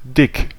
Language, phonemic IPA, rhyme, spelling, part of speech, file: German, /dɪk/, -ɪk, dick, adjective, De-dick.ogg
- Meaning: 1. thick 2. fat 3. swollen